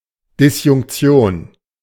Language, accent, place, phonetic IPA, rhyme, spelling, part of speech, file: German, Germany, Berlin, [dɪsjʊŋkˈt͡si̯oːn], -oːn, Disjunktion, noun, De-Disjunktion.ogg
- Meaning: disjunction (logic)